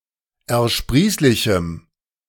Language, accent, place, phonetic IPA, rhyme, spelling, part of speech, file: German, Germany, Berlin, [ɛɐ̯ˈʃpʁiːslɪçm̩], -iːslɪçm̩, ersprießlichem, adjective, De-ersprießlichem.ogg
- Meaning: strong dative masculine/neuter singular of ersprießlich